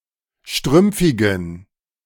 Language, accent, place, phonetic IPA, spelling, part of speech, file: German, Germany, Berlin, [ˈʃtʁʏmp͡fɪɡn̩], strümpfigen, adjective, De-strümpfigen.ogg
- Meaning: inflection of strümpfig: 1. strong genitive masculine/neuter singular 2. weak/mixed genitive/dative all-gender singular 3. strong/weak/mixed accusative masculine singular 4. strong dative plural